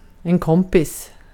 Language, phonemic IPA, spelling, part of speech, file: Swedish, /¹kɔmpɪs/, kompis, noun, Sv-kompis.ogg
- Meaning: pal, friend, mate, buddy